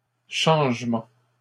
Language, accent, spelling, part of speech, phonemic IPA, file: French, Canada, changements, noun, /ʃɑ̃ʒ.mɑ̃/, LL-Q150 (fra)-changements.wav
- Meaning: plural of changement